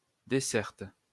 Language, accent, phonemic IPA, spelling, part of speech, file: French, France, /de.sɛʁt/, desserte, noun, LL-Q150 (fra)-desserte.wav
- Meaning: 1. side table (or the food served on it) 2. service (of a certain area or place by a road, transit service, public institution, etc.)